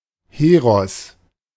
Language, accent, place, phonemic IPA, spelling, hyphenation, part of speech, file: German, Germany, Berlin, /ˈheːʁɔs/, Heros, He‧ros, noun, De-Heros.ogg
- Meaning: 1. hero 2. hero, demigod